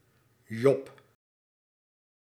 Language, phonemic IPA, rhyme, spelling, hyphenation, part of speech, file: Dutch, /jɔp/, -ɔp, Job, Job, proper noun, Nl-Job.ogg
- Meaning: 1. Job (the eighteenth book of the Old Testament) 2. Job (Biblical character) 3. a male given name